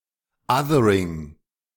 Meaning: othering
- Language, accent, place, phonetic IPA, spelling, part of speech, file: German, Germany, Berlin, [ˈʌðəɹɪŋ], Othering, noun, De-Othering.ogg